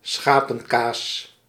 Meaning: sheep milk cheese, sheep cheese
- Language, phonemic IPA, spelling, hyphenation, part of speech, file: Dutch, /ˈsxaː.pə(n)ˌkaːs/, schapenkaas, scha‧pen‧kaas, noun, Nl-schapenkaas.ogg